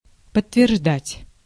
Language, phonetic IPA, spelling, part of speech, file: Russian, [pətːvʲɪrʐˈdatʲ], подтверждать, verb, Ru-подтверждать.ogg
- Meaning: to confirm, to corroborate, to bear out, to endorse, to ratify, to verify